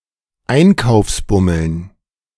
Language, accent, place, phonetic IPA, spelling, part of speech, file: German, Germany, Berlin, [ˈaɪ̯nkaʊ̯fsˌbʊml̩n], Einkaufsbummeln, noun, De-Einkaufsbummeln.ogg
- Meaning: dative plural of Einkaufsbummel